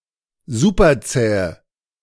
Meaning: inflection of superzäh: 1. strong/mixed nominative/accusative feminine singular 2. strong nominative/accusative plural 3. weak nominative all-gender singular
- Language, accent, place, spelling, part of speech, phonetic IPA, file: German, Germany, Berlin, superzähe, adjective, [ˈzupɐˌt͡sɛːə], De-superzähe.ogg